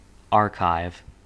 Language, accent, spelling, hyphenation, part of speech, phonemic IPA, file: English, General American, archive, arch‧ive, noun / verb, /ˈɑɹˌkaɪv/, En-us-archive.ogg
- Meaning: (noun) Chiefly in the form archives.: A repository or other place for storing material (such as documents and records) no longer in current use, and usually having historical value